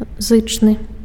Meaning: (adjective) loud; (noun) consonant
- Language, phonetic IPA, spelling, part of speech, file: Belarusian, [ˈzɨt͡ʂnɨ], зычны, adjective / noun, Be-зычны.ogg